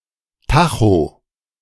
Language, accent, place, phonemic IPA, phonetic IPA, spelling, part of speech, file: German, Germany, Berlin, /ˈtaxo/, [ˈtʰaxo], Tacho, noun, De-Tacho.ogg
- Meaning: clipping of Tachometer (“speedometer”)